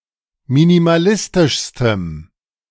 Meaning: strong dative masculine/neuter singular superlative degree of minimalistisch
- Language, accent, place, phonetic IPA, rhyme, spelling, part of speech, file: German, Germany, Berlin, [minimaˈlɪstɪʃstəm], -ɪstɪʃstəm, minimalistischstem, adjective, De-minimalistischstem.ogg